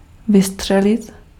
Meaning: 1. shoot, fire (shoot a weapon) 2. to dart out
- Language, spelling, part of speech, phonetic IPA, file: Czech, vystřelit, verb, [ˈvɪstr̝̊ɛlɪt], Cs-vystřelit.ogg